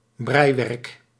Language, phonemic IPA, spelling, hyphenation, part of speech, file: Dutch, /ˈbrɛi̯.ʋɛrk/, breiwerk, brei‧werk, noun, Nl-breiwerk.ogg
- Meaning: knitting (material that has been or is being knitted)